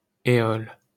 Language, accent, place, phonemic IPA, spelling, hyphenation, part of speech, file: French, France, Paris, /e.ɔl/, Éole, É‧ole, proper noun, LL-Q150 (fra)-Éole.wav
- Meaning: Aeolus (god of the winds)